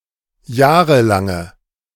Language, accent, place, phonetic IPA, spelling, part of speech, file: German, Germany, Berlin, [ˈjaːʁəlaŋə], jahrelange, adjective, De-jahrelange.ogg
- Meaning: inflection of jahrelang: 1. strong/mixed nominative/accusative feminine singular 2. strong nominative/accusative plural 3. weak nominative all-gender singular